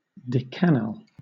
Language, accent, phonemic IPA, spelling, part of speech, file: English, Southern England, /ˈdɛkənæl/, decanal, noun, LL-Q1860 (eng)-decanal.wav
- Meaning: The aliphatic aldehyde, CH₃(CH₂)₈CHO, related to capric acid